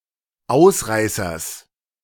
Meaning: genitive singular of Ausreißer
- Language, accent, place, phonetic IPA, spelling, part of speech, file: German, Germany, Berlin, [ˈaʊ̯sˌʁaɪ̯sɐs], Ausreißers, noun, De-Ausreißers.ogg